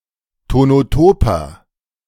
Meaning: inflection of tonotop: 1. strong/mixed nominative masculine singular 2. strong genitive/dative feminine singular 3. strong genitive plural
- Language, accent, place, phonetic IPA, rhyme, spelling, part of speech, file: German, Germany, Berlin, [tonoˈtoːpɐ], -oːpɐ, tonotoper, adjective, De-tonotoper.ogg